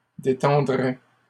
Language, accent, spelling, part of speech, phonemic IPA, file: French, Canada, détendrais, verb, /de.tɑ̃.dʁɛ/, LL-Q150 (fra)-détendrais.wav
- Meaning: first/second-person singular conditional of détendre